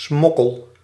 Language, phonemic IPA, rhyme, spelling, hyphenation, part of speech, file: Dutch, /ˈsmɔ.kəl/, -ɔkəl, smokkel, smok‧kel, noun / verb, Nl-smokkel.ogg
- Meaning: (noun) smuggling; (verb) inflection of smokkelen: 1. first-person singular present indicative 2. second-person singular present indicative 3. imperative